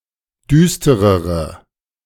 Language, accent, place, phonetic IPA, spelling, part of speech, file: German, Germany, Berlin, [ˈdyːstəʁəʁə], düsterere, adjective, De-düsterere.ogg
- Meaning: inflection of düster: 1. strong/mixed nominative/accusative feminine singular comparative degree 2. strong nominative/accusative plural comparative degree